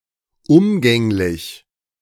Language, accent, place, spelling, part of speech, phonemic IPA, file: German, Germany, Berlin, umgänglich, adjective, /ˈʊmɡɛŋlɪç/, De-umgänglich.ogg
- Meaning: companionable, affable, sociable